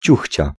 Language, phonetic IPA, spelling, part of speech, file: Polish, [ˈt͡ɕuxʲt͡ɕa], ciuchcia, noun, Pl-ciuchcia.ogg